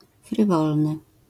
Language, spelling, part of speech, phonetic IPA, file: Polish, frywolny, adjective, [frɨˈvɔlnɨ], LL-Q809 (pol)-frywolny.wav